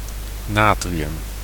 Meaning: sodium (a reactive metal)
- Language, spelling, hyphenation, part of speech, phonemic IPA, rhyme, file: Dutch, natrium, na‧tri‧um, noun, /ˈnaː.triˌʏm/, -aːtriʏm, Nl-natrium.ogg